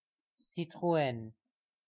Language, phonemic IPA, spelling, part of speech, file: French, /si.tʁo.ɛn/, Citroën, proper noun, Fr-Citroën.ogg
- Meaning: 1. a surname 2. a French automobile manufacturer